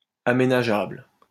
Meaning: developable, convertible (to a specific use)
- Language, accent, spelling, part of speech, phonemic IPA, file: French, France, aménageable, adjective, /a.me.na.ʒabl/, LL-Q150 (fra)-aménageable.wav